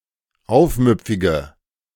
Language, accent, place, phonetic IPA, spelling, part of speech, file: German, Germany, Berlin, [ˈaʊ̯fˌmʏp͡fɪɡə], aufmüpfige, adjective, De-aufmüpfige.ogg
- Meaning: inflection of aufmüpfig: 1. strong/mixed nominative/accusative feminine singular 2. strong nominative/accusative plural 3. weak nominative all-gender singular